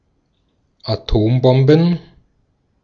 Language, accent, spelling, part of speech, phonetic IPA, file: German, Austria, Atombomben, noun, [aˈtoːmˌbɔmbn̩], De-at-Atombomben.ogg
- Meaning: plural of Atombombe